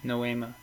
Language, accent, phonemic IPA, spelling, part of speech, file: English, US, /noʊˈimə/, noema, noun, En-us-noema.ogg
- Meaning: 1. The perceived as perceived 2. That which is perceived in the noesis/noema duality 3. An obscure and subtle speech